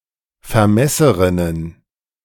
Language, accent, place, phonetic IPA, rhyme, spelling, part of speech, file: German, Germany, Berlin, [fɛɐ̯ˈmɛsəʁɪnən], -ɛsəʁɪnən, Vermesserinnen, noun, De-Vermesserinnen.ogg
- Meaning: plural of Vermesserin